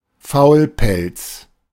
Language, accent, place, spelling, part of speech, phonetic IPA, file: German, Germany, Berlin, Faulpelz, noun, [ˈfaʊ̯lˌpɛlt͡s], De-Faulpelz.ogg
- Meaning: lazybones